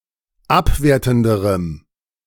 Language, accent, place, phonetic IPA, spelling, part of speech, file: German, Germany, Berlin, [ˈapˌveːɐ̯tn̩dəʁəm], abwertenderem, adjective, De-abwertenderem.ogg
- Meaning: strong dative masculine/neuter singular comparative degree of abwertend